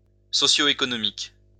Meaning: socio-economic
- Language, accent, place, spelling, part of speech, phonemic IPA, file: French, France, Lyon, socio-économique, adjective, /sɔ.sjo.e.kɔ.nɔ.mik/, LL-Q150 (fra)-socio-économique.wav